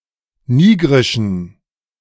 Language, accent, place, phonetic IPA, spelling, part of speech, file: German, Germany, Berlin, [ˈniːɡʁɪʃn̩], nigrischen, adjective, De-nigrischen.ogg
- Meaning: inflection of nigrisch: 1. strong genitive masculine/neuter singular 2. weak/mixed genitive/dative all-gender singular 3. strong/weak/mixed accusative masculine singular 4. strong dative plural